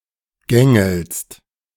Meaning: second-person singular present of gängeln
- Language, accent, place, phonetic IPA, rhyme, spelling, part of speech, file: German, Germany, Berlin, [ˈɡɛŋl̩st], -ɛŋl̩st, gängelst, verb, De-gängelst.ogg